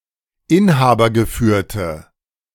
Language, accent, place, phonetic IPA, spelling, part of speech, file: German, Germany, Berlin, [ˈɪnhaːbɐɡəˌfyːɐ̯tə], inhabergeführte, adjective, De-inhabergeführte.ogg
- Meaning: inflection of inhabergeführt: 1. strong/mixed nominative/accusative feminine singular 2. strong nominative/accusative plural 3. weak nominative all-gender singular